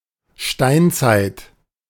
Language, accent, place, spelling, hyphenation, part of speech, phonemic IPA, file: German, Germany, Berlin, Steinzeit, Stein‧zeit, noun, /ˈʃtaɪntsaɪ̯t/, De-Steinzeit.ogg
- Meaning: Stone Age